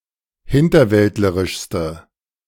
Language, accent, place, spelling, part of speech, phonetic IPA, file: German, Germany, Berlin, hinterwäldlerischste, adjective, [ˈhɪntɐˌvɛltləʁɪʃstə], De-hinterwäldlerischste.ogg
- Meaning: inflection of hinterwäldlerisch: 1. strong/mixed nominative/accusative feminine singular superlative degree 2. strong nominative/accusative plural superlative degree